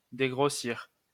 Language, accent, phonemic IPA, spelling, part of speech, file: French, France, /de.ɡʁo.siʁ/, dégrossir, verb, LL-Q150 (fra)-dégrossir.wav
- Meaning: 1. to rough-hew 2. to dress down; tell off